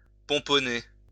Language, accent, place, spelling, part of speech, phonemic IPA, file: French, France, Lyon, pomponner, verb, /pɔ̃.pɔ.ne/, LL-Q150 (fra)-pomponner.wav
- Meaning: to primp, titivate, prettify